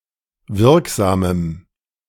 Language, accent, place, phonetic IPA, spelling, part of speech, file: German, Germany, Berlin, [ˈvɪʁkˌzaːməm], wirksamem, adjective, De-wirksamem.ogg
- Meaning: strong dative masculine/neuter singular of wirksam